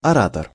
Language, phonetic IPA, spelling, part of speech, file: Russian, [ɐˈratər], оратор, noun, Ru-оратор.ogg
- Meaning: orator, speaker